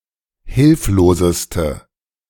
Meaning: inflection of hilflos: 1. strong/mixed nominative/accusative feminine singular superlative degree 2. strong nominative/accusative plural superlative degree
- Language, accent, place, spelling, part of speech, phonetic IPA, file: German, Germany, Berlin, hilfloseste, adjective, [ˈhɪlfloːzəstə], De-hilfloseste.ogg